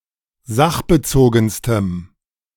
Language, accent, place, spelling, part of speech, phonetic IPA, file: German, Germany, Berlin, sachbezogenstem, adjective, [ˈzaxbəˌt͡soːɡn̩stəm], De-sachbezogenstem.ogg
- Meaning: strong dative masculine/neuter singular superlative degree of sachbezogen